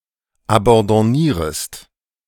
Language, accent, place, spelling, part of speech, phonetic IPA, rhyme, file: German, Germany, Berlin, abandonniertest, verb, [abɑ̃dɔˈniːɐ̯təst], -iːɐ̯təst, De-abandonniertest.ogg
- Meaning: inflection of abandonnieren: 1. second-person singular preterite 2. second-person singular subjunctive II